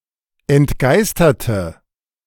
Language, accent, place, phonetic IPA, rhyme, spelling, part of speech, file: German, Germany, Berlin, [ɛntˈɡaɪ̯stɐtə], -aɪ̯stɐtə, entgeisterte, adjective, De-entgeisterte.ogg
- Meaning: inflection of entgeistert: 1. strong/mixed nominative/accusative feminine singular 2. strong nominative/accusative plural 3. weak nominative all-gender singular